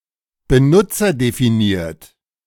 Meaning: user-defined
- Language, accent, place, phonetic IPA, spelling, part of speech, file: German, Germany, Berlin, [bəˈnʊt͡sɐdefiˌniːɐ̯t], benutzerdefiniert, adjective, De-benutzerdefiniert.ogg